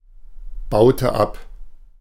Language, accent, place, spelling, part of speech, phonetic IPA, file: German, Germany, Berlin, baute ab, verb, [ˌbaʊ̯tə ˈap], De-baute ab.ogg
- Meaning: inflection of abbauen: 1. first/third-person singular preterite 2. first/third-person singular subjunctive II